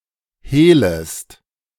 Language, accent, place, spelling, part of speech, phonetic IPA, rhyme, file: German, Germany, Berlin, hehlest, verb, [ˈheːləst], -eːləst, De-hehlest.ogg
- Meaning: second-person singular subjunctive I of hehlen